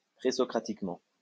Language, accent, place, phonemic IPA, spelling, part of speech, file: French, France, Lyon, /pʁe.sɔ.kʁa.tik.mɑ̃/, présocratiquement, adverb, LL-Q150 (fra)-présocratiquement.wav
- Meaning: pre-Socratically